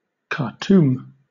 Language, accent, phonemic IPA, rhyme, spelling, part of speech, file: English, Southern England, /kɑː(ɹ)ˈtuːm/, -uːm, Khartoum, proper noun, LL-Q1860 (eng)-Khartoum.wav
- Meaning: 1. The capital city of Sudan 2. The capital city of Sudan.: The Sudanese government